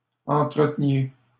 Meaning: inflection of entretenir: 1. second-person plural imperfect indicative 2. second-person plural present subjunctive
- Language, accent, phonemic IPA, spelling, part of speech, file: French, Canada, /ɑ̃.tʁə.tə.nje/, entreteniez, verb, LL-Q150 (fra)-entreteniez.wav